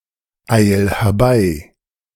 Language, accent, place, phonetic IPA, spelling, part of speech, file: German, Germany, Berlin, [ˌaɪ̯l hɛɐ̯ˈbaɪ̯], eil herbei, verb, De-eil herbei.ogg
- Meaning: 1. singular imperative of herbeieilen 2. first-person singular present of herbeieilen